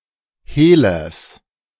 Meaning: genitive singular of Hehler
- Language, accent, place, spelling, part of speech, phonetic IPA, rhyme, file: German, Germany, Berlin, Hehlers, noun, [ˈheːlɐs], -eːlɐs, De-Hehlers.ogg